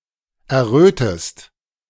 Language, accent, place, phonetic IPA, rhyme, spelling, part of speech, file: German, Germany, Berlin, [ɛɐ̯ˈʁøːtəst], -øːtəst, errötest, verb, De-errötest.ogg
- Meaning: inflection of erröten: 1. second-person singular present 2. second-person singular subjunctive I